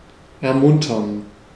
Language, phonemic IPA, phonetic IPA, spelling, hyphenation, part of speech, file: German, /ɛʁˈmʊntɐn/, [ɛɐ̯ˈmʊntɐn], ermuntern, er‧mun‧tern, verb, De-ermuntern.ogg
- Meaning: 1. to wish on; to encourage 2. to cheer up; to give hope